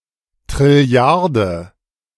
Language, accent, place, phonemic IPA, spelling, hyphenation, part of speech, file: German, Germany, Berlin, /tʁɪˈli̯aʁdə/, Trilliarde, Tril‧li‧ar‧de, numeral, De-Trilliarde.ogg
- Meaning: sextillion (10²¹)